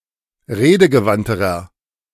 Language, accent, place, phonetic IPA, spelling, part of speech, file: German, Germany, Berlin, [ˈʁeːdəɡəˌvantəʁɐ], redegewandterer, adjective, De-redegewandterer.ogg
- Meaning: inflection of redegewandt: 1. strong/mixed nominative masculine singular comparative degree 2. strong genitive/dative feminine singular comparative degree 3. strong genitive plural comparative degree